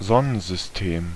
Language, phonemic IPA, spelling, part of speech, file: German, /ˈzɔnənzʏsˈteːm/, Sonnensystem, proper noun / noun, De-Sonnensystem.ogg
- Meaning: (proper noun) The Solar System with its set of celestial bodies; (noun) Any other solar system with its set of celestial bodies